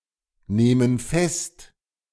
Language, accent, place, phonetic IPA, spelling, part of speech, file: German, Germany, Berlin, [ˌneːmən ˈfɛst], nehmen fest, verb, De-nehmen fest.ogg
- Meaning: inflection of festnehmen: 1. first/third-person plural present 2. first/third-person plural subjunctive I